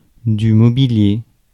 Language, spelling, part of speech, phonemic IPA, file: French, mobilier, noun / adjective, /mɔ.bi.lje/, Fr-mobilier.ogg
- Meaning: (noun) furniture; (adjective) movable; transferable